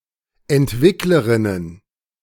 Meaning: plural of Entwicklerin
- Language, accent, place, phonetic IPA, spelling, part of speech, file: German, Germany, Berlin, [ɛntˈvɪkləʁɪnən], Entwicklerinnen, noun, De-Entwicklerinnen.ogg